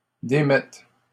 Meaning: second-person singular present subjunctive of démettre
- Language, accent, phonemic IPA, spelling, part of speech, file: French, Canada, /de.mɛt/, démettes, verb, LL-Q150 (fra)-démettes.wav